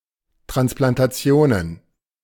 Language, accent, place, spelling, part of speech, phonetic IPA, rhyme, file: German, Germany, Berlin, Transplantationen, noun, [tʁansplantaˈt͡si̯oːnən], -oːnən, De-Transplantationen.ogg
- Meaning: plural of Transplantation